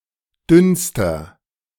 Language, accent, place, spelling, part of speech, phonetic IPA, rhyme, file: German, Germany, Berlin, dünnster, adjective, [ˈdʏnstɐ], -ʏnstɐ, De-dünnster.ogg
- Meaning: inflection of dünn: 1. strong/mixed nominative masculine singular superlative degree 2. strong genitive/dative feminine singular superlative degree 3. strong genitive plural superlative degree